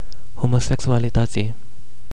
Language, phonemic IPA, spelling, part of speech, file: Romanian, /homoseksualiˈtətsi/, homosexualității, noun, Ro-homosexualității.ogg
- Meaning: definite genitive/dative singular of homosexualitate